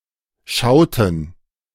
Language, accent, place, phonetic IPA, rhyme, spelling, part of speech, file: German, Germany, Berlin, [ˈʃaʊ̯tn̩], -aʊ̯tn̩, schauten, verb, De-schauten.ogg
- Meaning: inflection of schauen: 1. first/third-person plural preterite 2. first/third-person plural subjunctive II